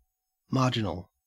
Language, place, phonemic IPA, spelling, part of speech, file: English, Queensland, /ˈmɐː.d͡ʒɪ.nəl/, marginal, adjective / noun, En-au-marginal.ogg
- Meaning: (adjective) Of, relating to, or located at or near a margin or edge; also figurative usages of location and margin (edge)